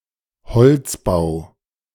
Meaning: second-person singular subjunctive I of einbeziehen
- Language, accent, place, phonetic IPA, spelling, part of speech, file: German, Germany, Berlin, [bəˌt͡siːəst ˈaɪ̯n], beziehest ein, verb, De-beziehest ein.ogg